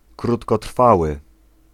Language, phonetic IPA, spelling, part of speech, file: Polish, [ˌkrutkɔˈtr̥fawɨ], krótkotrwały, adjective, Pl-krótkotrwały.ogg